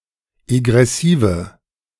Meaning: inflection of egressiv: 1. strong/mixed nominative/accusative feminine singular 2. strong nominative/accusative plural 3. weak nominative all-gender singular
- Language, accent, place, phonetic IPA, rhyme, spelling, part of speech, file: German, Germany, Berlin, [eɡʁɛˈsiːvə], -iːvə, egressive, adjective, De-egressive.ogg